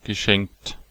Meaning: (verb) past participle of schenken; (interjection) forget it, forget about it, nevermind, that’s not so problematic, (also in the sense of) that’s one thing, that’s not the worst part
- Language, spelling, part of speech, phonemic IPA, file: German, geschenkt, verb / interjection, /ɡəˈʃɛŋ(k)t/, De-geschenkt.ogg